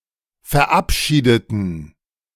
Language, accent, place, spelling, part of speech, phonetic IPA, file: German, Germany, Berlin, verabschiedeten, adjective / verb, [fɛɐ̯ˈʔapˌʃiːdətn̩], De-verabschiedeten.ogg
- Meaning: inflection of verabschieden: 1. first/third-person plural preterite 2. first/third-person plural subjunctive II